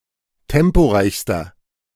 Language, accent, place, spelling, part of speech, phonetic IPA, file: German, Germany, Berlin, temporeichster, adjective, [ˈtɛmpoˌʁaɪ̯çstɐ], De-temporeichster.ogg
- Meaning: inflection of temporeich: 1. strong/mixed nominative masculine singular superlative degree 2. strong genitive/dative feminine singular superlative degree 3. strong genitive plural superlative degree